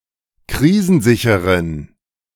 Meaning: inflection of krisensicher: 1. strong genitive masculine/neuter singular 2. weak/mixed genitive/dative all-gender singular 3. strong/weak/mixed accusative masculine singular 4. strong dative plural
- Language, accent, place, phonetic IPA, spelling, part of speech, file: German, Germany, Berlin, [ˈkʁiːzn̩ˌzɪçəʁən], krisensicheren, adjective, De-krisensicheren.ogg